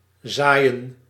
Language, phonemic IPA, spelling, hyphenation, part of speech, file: Dutch, /ˈzaːi̯ə(n)/, zaaien, zaai‧en, verb, Nl-zaaien.ogg
- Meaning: 1. to sow, plant seed 2. to spread, sow, engender